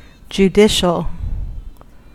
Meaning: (adjective) 1. Of or relating to the administration of justice 2. Of or relating to the court system or the judicial branch of government
- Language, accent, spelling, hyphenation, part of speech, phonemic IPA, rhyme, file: English, US, judicial, ju‧di‧cial, adjective / noun, /d͡ʒuˈdɪʃəl/, -ɪʃəl, En-us-judicial.ogg